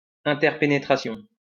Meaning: interpenetration
- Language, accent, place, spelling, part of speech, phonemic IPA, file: French, France, Lyon, interpénétration, noun, /ɛ̃.tɛʁ.pe.ne.tʁa.sjɔ̃/, LL-Q150 (fra)-interpénétration.wav